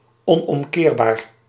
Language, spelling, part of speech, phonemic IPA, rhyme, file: Dutch, onomkeerbaar, adjective, /ˌɔ.nɔmˈkeːr.baːr/, -eːrbaːr, Nl-onomkeerbaar.ogg
- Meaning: irreversible